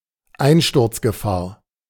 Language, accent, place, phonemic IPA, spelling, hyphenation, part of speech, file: German, Germany, Berlin, /ˈaɪ̯nʃtʊʁt͡sɡəˌfaːɐ̯/, Einsturzgefahr, Ein‧sturz‧ge‧fahr, noun, De-Einsturzgefahr.ogg
- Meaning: danger of collapse, risk of collapse